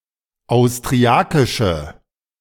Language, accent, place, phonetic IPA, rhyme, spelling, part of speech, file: German, Germany, Berlin, [aʊ̯stʁiˈakɪʃə], -akɪʃə, austriakische, adjective, De-austriakische.ogg
- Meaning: inflection of austriakisch: 1. strong/mixed nominative/accusative feminine singular 2. strong nominative/accusative plural 3. weak nominative all-gender singular